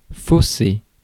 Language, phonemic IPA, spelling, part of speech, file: French, /fo.se/, fausser, verb, Fr-fausser.ogg
- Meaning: 1. to falsify, to render invalid 2. to skew, to distort (a result)